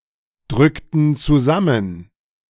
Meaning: inflection of zusammendrücken: 1. first/third-person plural preterite 2. first/third-person plural subjunctive II
- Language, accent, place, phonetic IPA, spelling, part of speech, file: German, Germany, Berlin, [ˌdʁʏktn̩ t͡suˈzamən], drückten zusammen, verb, De-drückten zusammen.ogg